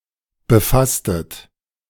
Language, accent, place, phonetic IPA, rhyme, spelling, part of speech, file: German, Germany, Berlin, [bəˈfastət], -astət, befasstet, verb, De-befasstet.ogg
- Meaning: inflection of befassen: 1. second-person plural preterite 2. second-person plural subjunctive II